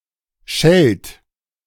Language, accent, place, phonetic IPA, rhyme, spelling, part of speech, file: German, Germany, Berlin, [ʃɛlt], -ɛlt, schellt, verb, De-schellt.ogg
- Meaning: inflection of schellen: 1. third-person singular present 2. second-person plural present 3. plural imperative